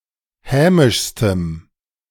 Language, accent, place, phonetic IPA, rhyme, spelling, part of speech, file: German, Germany, Berlin, [ˈhɛːmɪʃstəm], -ɛːmɪʃstəm, hämischstem, adjective, De-hämischstem.ogg
- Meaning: strong dative masculine/neuter singular superlative degree of hämisch